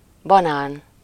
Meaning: banana (fruit)
- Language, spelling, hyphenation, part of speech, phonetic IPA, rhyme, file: Hungarian, banán, ba‧nán, noun, [ˈbɒnaːn], -aːn, Hu-banán.ogg